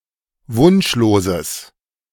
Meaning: strong/mixed nominative/accusative neuter singular of wunschlos
- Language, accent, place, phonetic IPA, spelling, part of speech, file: German, Germany, Berlin, [ˈvʊnʃloːzəs], wunschloses, adjective, De-wunschloses.ogg